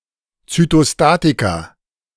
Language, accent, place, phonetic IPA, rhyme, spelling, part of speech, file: German, Germany, Berlin, [t͡sytoˈstaːtika], -aːtika, Zytostatika, noun, De-Zytostatika.ogg
- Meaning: plural of Zytostatikum